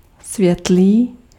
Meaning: light
- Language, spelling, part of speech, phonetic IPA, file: Czech, světlý, adjective, [ˈsvjɛtliː], Cs-světlý.ogg